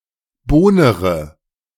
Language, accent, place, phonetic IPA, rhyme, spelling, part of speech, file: German, Germany, Berlin, [ˈboːnəʁə], -oːnəʁə, bohnere, verb, De-bohnere.ogg
- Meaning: inflection of bohnern: 1. first-person singular present 2. first/third-person singular subjunctive I 3. singular imperative